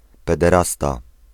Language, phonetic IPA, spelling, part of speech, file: Polish, [ˌpɛdɛˈrasta], pederasta, noun, Pl-pederasta.ogg